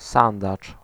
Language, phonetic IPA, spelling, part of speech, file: Polish, [ˈsãndat͡ʃ], sandacz, noun, Pl-sandacz.ogg